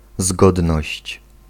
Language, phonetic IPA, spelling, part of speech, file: Polish, [ˈzɡɔdnɔɕt͡ɕ], zgodność, noun, Pl-zgodność.ogg